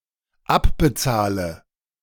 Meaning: inflection of abbezahlen: 1. first-person singular dependent present 2. first/third-person singular dependent subjunctive I
- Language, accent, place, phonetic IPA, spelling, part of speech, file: German, Germany, Berlin, [ˈapbəˌt͡saːlə], abbezahle, verb, De-abbezahle.ogg